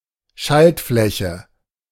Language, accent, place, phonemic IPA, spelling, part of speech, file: German, Germany, Berlin, /ˈʃaltˌflɛçə/, Schaltfläche, noun, De-Schaltfläche.ogg
- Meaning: button